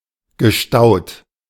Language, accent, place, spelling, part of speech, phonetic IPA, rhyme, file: German, Germany, Berlin, gestaut, verb, [ɡəˈʃtaʊ̯t], -aʊ̯t, De-gestaut.ogg
- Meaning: past participle of stauen